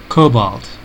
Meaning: 1. A chemical element (symbol Co) with an atomic number of 27: a hard, lustrous, silver-gray metal 2. Cobalt blue
- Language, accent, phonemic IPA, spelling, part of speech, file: English, US, /ˈkoʊ.bɔlt/, cobalt, noun, En-us-cobalt.ogg